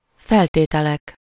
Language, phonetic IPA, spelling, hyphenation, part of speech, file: Hungarian, [ˈfɛlteːtɛlɛk], feltételek, fel‧té‧te‧lek, noun, Hu-feltételek.ogg
- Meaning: nominative plural of feltétel